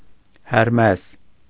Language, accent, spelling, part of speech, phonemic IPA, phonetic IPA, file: Armenian, Eastern Armenian, Հերմես, proper noun, /heɾˈmes/, [heɾmés], Hy-Հերմես.ogg
- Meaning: Hermes